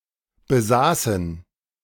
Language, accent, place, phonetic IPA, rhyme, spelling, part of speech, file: German, Germany, Berlin, [bəˈzaːsn̩], -aːsn̩, besaßen, verb, De-besaßen.ogg
- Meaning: first/third-person plural preterite of besitzen